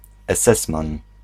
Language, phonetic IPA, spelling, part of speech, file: Polish, [ɛˈsɛsmãn], esesman, noun, Pl-esesman.ogg